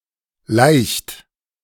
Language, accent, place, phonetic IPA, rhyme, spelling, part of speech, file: German, Germany, Berlin, [laɪ̯çt], -aɪ̯çt, laicht, verb, De-laicht.ogg
- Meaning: inflection of laichen: 1. second-person plural present 2. third-person singular present 3. plural imperative